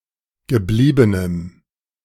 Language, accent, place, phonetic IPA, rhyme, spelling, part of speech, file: German, Germany, Berlin, [ɡəˈbliːbənəm], -iːbənəm, gebliebenem, adjective, De-gebliebenem.ogg
- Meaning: strong dative masculine/neuter singular of geblieben